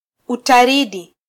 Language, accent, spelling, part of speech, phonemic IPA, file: Swahili, Kenya, Utaridi, proper noun, /u.tɑˈɾi.ɗi/, Sw-ke-Utaridi.flac
- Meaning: 1. Mercury (planet) 2. Pluto (planet)